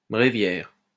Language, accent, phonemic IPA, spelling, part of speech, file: French, France, /bʁe.vjɛʁ/, bréviaire, noun, LL-Q150 (fra)-bréviaire.wav
- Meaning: 1. breviary (a book containing prayers and hymns) 2. go-to book